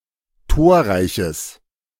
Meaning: strong/mixed nominative/accusative neuter singular of torreich
- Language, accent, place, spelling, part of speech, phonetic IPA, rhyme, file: German, Germany, Berlin, torreiches, adjective, [ˈtoːɐ̯ˌʁaɪ̯çəs], -oːɐ̯ʁaɪ̯çəs, De-torreiches.ogg